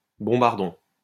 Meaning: bombardon, certain bass instruments, notably a tuba
- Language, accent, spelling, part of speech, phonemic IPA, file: French, France, bombardon, noun, /bɔ̃.baʁ.dɔ̃/, LL-Q150 (fra)-bombardon.wav